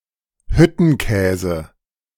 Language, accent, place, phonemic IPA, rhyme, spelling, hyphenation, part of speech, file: German, Germany, Berlin, /ˈhʏtənˌkɛːzə/, -ɛːzə, Hüttenkäse, Hüt‧ten‧kä‧se, noun, De-Hüttenkäse.ogg
- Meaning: cottage cheese